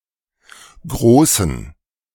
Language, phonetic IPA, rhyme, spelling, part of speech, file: German, [ˈɡʁoːsn̩], -oːsn̩, Großen, noun, De-Großen.ogg